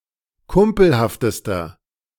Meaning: inflection of kumpelhaft: 1. strong/mixed nominative masculine singular superlative degree 2. strong genitive/dative feminine singular superlative degree 3. strong genitive plural superlative degree
- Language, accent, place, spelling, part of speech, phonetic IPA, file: German, Germany, Berlin, kumpelhaftester, adjective, [ˈkʊmpl̩haftəstɐ], De-kumpelhaftester.ogg